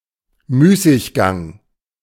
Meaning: idleness
- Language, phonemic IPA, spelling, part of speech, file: German, /ˈmyːsɪçˌɡaŋ/, Müßiggang, noun, De-Müßiggang.oga